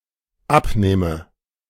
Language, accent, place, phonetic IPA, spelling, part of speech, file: German, Germany, Berlin, [ˈapˌneːmə], abnehme, verb, De-abnehme.ogg
- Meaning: inflection of abnehmen: 1. first-person singular dependent present 2. first/third-person singular dependent subjunctive I